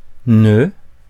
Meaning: not (used alone to negate a verb, now chiefly with only a few particular verbs; see usage notes)
- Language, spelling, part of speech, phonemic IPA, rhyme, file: French, ne, particle, /nə/, -ə, Fr-ne.ogg